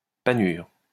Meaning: 1. breadcrumb 2. breading
- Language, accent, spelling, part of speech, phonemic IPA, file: French, France, panure, noun, /pa.nyʁ/, LL-Q150 (fra)-panure.wav